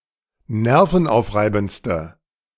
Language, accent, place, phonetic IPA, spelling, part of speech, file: German, Germany, Berlin, [ˈnɛʁfn̩ˌʔaʊ̯fʁaɪ̯bn̩t͡stə], nervenaufreibendste, adjective, De-nervenaufreibendste.ogg
- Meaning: inflection of nervenaufreibend: 1. strong/mixed nominative/accusative feminine singular superlative degree 2. strong nominative/accusative plural superlative degree